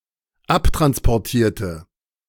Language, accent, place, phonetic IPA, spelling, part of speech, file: German, Germany, Berlin, [ˈaptʁanspɔʁˌtiːɐ̯tə], abtransportierte, adjective / verb, De-abtransportierte.ogg
- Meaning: inflection of abtransportieren: 1. first/third-person singular dependent preterite 2. first/third-person singular dependent subjunctive II